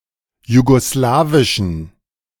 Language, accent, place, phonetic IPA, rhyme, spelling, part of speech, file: German, Germany, Berlin, [juɡoˈslaːvɪʃn̩], -aːvɪʃn̩, jugoslawischen, adjective, De-jugoslawischen.ogg
- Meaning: inflection of jugoslawisch: 1. strong genitive masculine/neuter singular 2. weak/mixed genitive/dative all-gender singular 3. strong/weak/mixed accusative masculine singular 4. strong dative plural